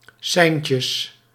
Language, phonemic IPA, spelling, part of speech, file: Dutch, /ˈsɛi̯n.tjəs/, seintjes, noun, Nl-seintjes.ogg
- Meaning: plural of seintje